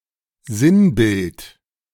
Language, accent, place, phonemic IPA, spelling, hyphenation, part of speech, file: German, Germany, Berlin, /ˈzɪnˌbɪlt/, Sinnbild, Sinn‧bild, noun, De-Sinnbild.ogg
- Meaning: 1. symbol, allegory 2. emblem, ensign 3. symbol